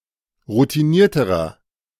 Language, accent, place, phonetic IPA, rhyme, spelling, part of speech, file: German, Germany, Berlin, [ʁutiˈniːɐ̯təʁɐ], -iːɐ̯təʁɐ, routinierterer, adjective, De-routinierterer.ogg
- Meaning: inflection of routiniert: 1. strong/mixed nominative masculine singular comparative degree 2. strong genitive/dative feminine singular comparative degree 3. strong genitive plural comparative degree